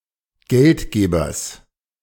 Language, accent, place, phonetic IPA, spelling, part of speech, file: German, Germany, Berlin, [ˈɡɛltˌɡeːbɐs], Geldgebers, noun, De-Geldgebers.ogg
- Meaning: genitive of Geldgeber